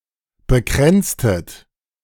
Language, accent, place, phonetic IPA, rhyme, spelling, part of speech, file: German, Germany, Berlin, [bəˈkʁɛnt͡stət], -ɛnt͡stət, bekränztet, verb, De-bekränztet.ogg
- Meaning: inflection of bekränzen: 1. second-person plural preterite 2. second-person plural subjunctive II